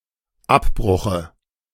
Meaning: dative singular of Abbruch
- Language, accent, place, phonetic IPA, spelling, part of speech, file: German, Germany, Berlin, [ˈapˌbʁʊxə], Abbruche, noun, De-Abbruche.ogg